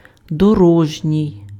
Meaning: road
- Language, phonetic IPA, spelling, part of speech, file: Ukrainian, [dɔˈrɔʒnʲii̯], дорожній, adjective, Uk-дорожній.ogg